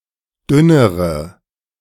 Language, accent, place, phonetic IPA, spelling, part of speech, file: German, Germany, Berlin, [ˈdʏnəʁə], dünnere, adjective, De-dünnere.ogg
- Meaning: inflection of dünn: 1. strong/mixed nominative/accusative feminine singular comparative degree 2. strong nominative/accusative plural comparative degree